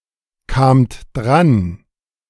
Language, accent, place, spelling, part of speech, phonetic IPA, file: German, Germany, Berlin, kamt dran, verb, [ˌkaːmt ˈdʁan], De-kamt dran.ogg
- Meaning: second-person plural preterite of drankommen